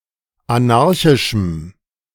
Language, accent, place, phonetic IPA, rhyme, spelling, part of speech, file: German, Germany, Berlin, [aˈnaʁçɪʃm̩], -aʁçɪʃm̩, anarchischem, adjective, De-anarchischem.ogg
- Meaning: strong dative masculine/neuter singular of anarchisch